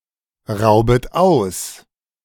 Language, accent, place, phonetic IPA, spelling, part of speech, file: German, Germany, Berlin, [ˌʁaʊ̯bət ˈaʊ̯s], raubet aus, verb, De-raubet aus.ogg
- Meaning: second-person plural subjunctive I of ausrauben